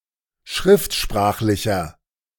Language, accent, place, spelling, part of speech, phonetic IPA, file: German, Germany, Berlin, schriftsprachlicher, adjective, [ˈʃʁɪftˌʃpʁaːxlɪçɐ], De-schriftsprachlicher.ogg
- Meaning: inflection of schriftsprachlich: 1. strong/mixed nominative masculine singular 2. strong genitive/dative feminine singular 3. strong genitive plural